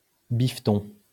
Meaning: 1. banknote 2. money
- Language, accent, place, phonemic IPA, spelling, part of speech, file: French, France, Lyon, /bif.tɔ̃/, biffeton, noun, LL-Q150 (fra)-biffeton.wav